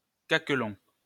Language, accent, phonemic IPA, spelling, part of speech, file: French, France, /ka.klɔ̃/, caquelon, noun, LL-Q150 (fra)-caquelon.wav
- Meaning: caquelon